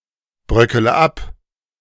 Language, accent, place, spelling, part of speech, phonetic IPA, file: German, Germany, Berlin, bröckele ab, verb, [ˌbʁœkələ ˈap], De-bröckele ab.ogg
- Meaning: inflection of abbröckeln: 1. first-person singular present 2. first-person plural subjunctive I 3. third-person singular subjunctive I 4. singular imperative